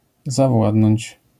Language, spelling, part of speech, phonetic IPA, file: Polish, zawładnąć, verb, [zaˈvwadnɔ̃ɲt͡ɕ], LL-Q809 (pol)-zawładnąć.wav